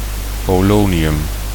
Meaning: polonium
- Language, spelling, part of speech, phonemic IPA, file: Dutch, polonium, noun, /poˈloniˌjʏm/, Nl-polonium.ogg